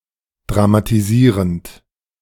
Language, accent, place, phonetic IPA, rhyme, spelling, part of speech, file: German, Germany, Berlin, [dʁamatiˈziːʁənt], -iːʁənt, dramatisierend, verb, De-dramatisierend.ogg
- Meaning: present participle of dramatisieren